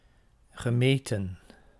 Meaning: past participle of meten
- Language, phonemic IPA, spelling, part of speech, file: Dutch, /ɣəˈmetə(n)/, gemeten, adjective / verb / noun, Nl-gemeten.ogg